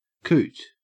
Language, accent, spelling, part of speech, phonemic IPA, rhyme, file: English, Australia, coot, noun, /kuːt/, -uːt, En-au-coot.ogg
- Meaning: 1. Any of various aquatic birds of the genus Fulica that are mainly black with a prominent frontal shield on the forehead 2. A foolish or eccentric fellow 3. Body louse (Pediculus humanus)